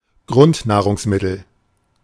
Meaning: basic food or drink; staple; a substance that is central to a given society's sustentation (e.g. bread, beer, fish, etc.)
- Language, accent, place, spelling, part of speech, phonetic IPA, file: German, Germany, Berlin, Grundnahrungsmittel, noun, [ˈɡʁʊntnaːʁʊŋsˌmɪtl̩], De-Grundnahrungsmittel.ogg